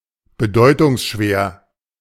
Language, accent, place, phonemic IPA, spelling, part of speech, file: German, Germany, Berlin, /bəˈdɔɪ̯tʊŋsˌʃveːɐ̯/, bedeutungsschwer, adjective, De-bedeutungsschwer.ogg
- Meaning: portentous, pregnant (with meaning)